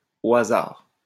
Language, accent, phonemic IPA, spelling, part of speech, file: French, France, /o a.zaʁ/, au hasard, adverb, LL-Q150 (fra)-au hasard.wav
- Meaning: 1. randomly, at random (by using random selection) 2. to and fro, here and there, hither and thither